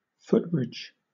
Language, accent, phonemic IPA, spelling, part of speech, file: English, Southern England, /ˈfʊtˌbɹɪd͡ʒ/, footbridge, noun, LL-Q1860 (eng)-footbridge.wav
- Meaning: A bridge over a road, railway, river, etc for pedestrians